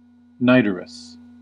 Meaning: Emitting a strong, unpleasant odor, especially one like that of cooking fat or similar greasy substances
- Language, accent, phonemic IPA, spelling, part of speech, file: English, US, /ˈnaɪ.də.ɹəs/, nidorous, adjective, En-us-nidorous.ogg